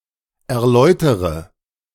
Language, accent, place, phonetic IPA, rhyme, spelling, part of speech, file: German, Germany, Berlin, [ɛɐ̯ˈlɔɪ̯təʁə], -ɔɪ̯təʁə, erläutere, verb, De-erläutere.ogg
- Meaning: inflection of erläutern: 1. first-person singular present 2. first/third-person singular subjunctive I 3. singular imperative